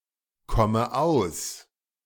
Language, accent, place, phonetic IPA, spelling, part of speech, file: German, Germany, Berlin, [ˌkɔmə ˈaʊ̯s], komme aus, verb, De-komme aus.ogg
- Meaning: inflection of auskommen: 1. first-person singular present 2. first/third-person singular subjunctive I 3. singular imperative